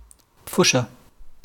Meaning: bungler, botcher
- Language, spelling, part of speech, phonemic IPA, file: German, Pfuscher, noun, /ˈp͡fʊʃɛɐ̯/, De-Pfuscher.wav